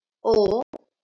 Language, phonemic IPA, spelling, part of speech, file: Marathi, /o/, ओ, character, LL-Q1571 (mar)-ओ.wav
- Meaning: The tenth vowel in Marathi